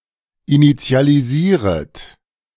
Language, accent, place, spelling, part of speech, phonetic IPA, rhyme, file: German, Germany, Berlin, initialisieret, verb, [init͡si̯aliˈziːʁət], -iːʁət, De-initialisieret.ogg
- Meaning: second-person plural subjunctive I of initialisieren